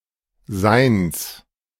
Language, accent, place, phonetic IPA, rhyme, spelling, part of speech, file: German, Germany, Berlin, [zaɪ̯ns], -aɪ̯ns, Seins, noun, De-Seins.ogg
- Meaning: genitive of Sein